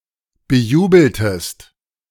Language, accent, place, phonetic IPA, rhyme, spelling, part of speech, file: German, Germany, Berlin, [bəˈjuːbl̩təst], -uːbl̩təst, bejubeltest, verb, De-bejubeltest.ogg
- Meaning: inflection of bejubeln: 1. second-person singular preterite 2. second-person singular subjunctive II